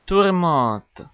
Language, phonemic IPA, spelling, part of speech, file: French, /tuʁ.mɑ̃t/, tourmente, noun, Fr-tourmente.ogg
- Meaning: 1. storm 2. upheaval, turmoil